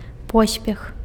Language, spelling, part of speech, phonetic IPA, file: Belarusian, поспех, noun, [ˈpospʲex], Be-поспех.ogg
- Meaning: success; good luck